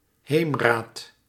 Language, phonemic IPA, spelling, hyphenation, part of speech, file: Dutch, /ˈɦeːm.raːt/, heemraad, heem‧raad, noun, Nl-heemraad.ogg
- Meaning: a village council